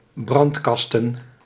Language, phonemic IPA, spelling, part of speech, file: Dutch, /ˈbrɑntkɑstə(n)/, brandkasten, noun, Nl-brandkasten.ogg
- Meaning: plural of brandkast